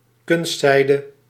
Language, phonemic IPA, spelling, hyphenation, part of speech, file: Dutch, /ˈkʏn(st)sɛidə/, kunstzijde, kunst‧zij‧de, noun, Nl-kunstzijde.ogg
- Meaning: artificial silk